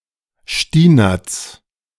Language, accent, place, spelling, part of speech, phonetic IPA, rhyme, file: German, Germany, Berlin, Stinatz, proper noun, [ʃtiˈnaːt͡s], -aːt͡s, De-Stinatz.ogg
- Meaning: a municipality of Burgenland, Austria